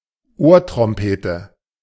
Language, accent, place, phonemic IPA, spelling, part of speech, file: German, Germany, Berlin, /ˈoːɐ̯tʁɔmˌpeːtə/, Ohrtrompete, noun, De-Ohrtrompete.ogg
- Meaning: Eustachian tube